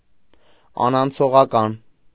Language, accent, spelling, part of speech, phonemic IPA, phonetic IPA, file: Armenian, Eastern Armenian, անանցողական, adjective, /ɑnɑnt͡sʰoʁɑˈkɑn/, [ɑnɑnt͡sʰoʁɑkɑ́n], Hy-անանցողական.ogg
- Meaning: 1. non-transitory, permanent 2. intransitive